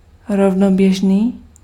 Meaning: parallel
- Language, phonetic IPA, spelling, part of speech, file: Czech, [ˈrovnobjɛʒniː], rovnoběžný, adjective, Cs-rovnoběžný.ogg